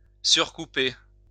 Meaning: to overtrump
- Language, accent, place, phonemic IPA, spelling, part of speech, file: French, France, Lyon, /syʁ.ku.pe/, surcouper, verb, LL-Q150 (fra)-surcouper.wav